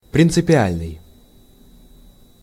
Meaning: 1. principle 2. fundamental
- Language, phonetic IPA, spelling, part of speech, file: Russian, [prʲɪnt͡sɨpʲɪˈalʲnɨj], принципиальный, adjective, Ru-принципиальный.ogg